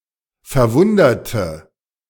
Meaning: inflection of verwundern: 1. first/third-person singular preterite 2. first/third-person singular subjunctive II
- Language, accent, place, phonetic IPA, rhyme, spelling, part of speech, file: German, Germany, Berlin, [fɛɐ̯ˈvʊndɐtə], -ʊndɐtə, verwunderte, adjective / verb, De-verwunderte.ogg